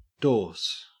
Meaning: 1. The Baltic cod or variable cod (Gadus morhua callarias) 2. The back of a book 3. A dossal
- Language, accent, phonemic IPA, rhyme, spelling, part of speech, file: English, Australia, /dɔː(ɹ)s/, -ɔː(ɹ)s, dorse, noun, En-au-dorse.ogg